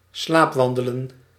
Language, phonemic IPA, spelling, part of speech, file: Dutch, /ˈslaːpˌʋɑndələ(n)/, slaapwandelen, verb, Nl-slaapwandelen.ogg
- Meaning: to sleepwalk